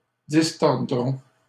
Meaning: third-person plural simple future of distordre
- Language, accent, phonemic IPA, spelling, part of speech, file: French, Canada, /dis.tɔʁ.dʁɔ̃/, distordront, verb, LL-Q150 (fra)-distordront.wav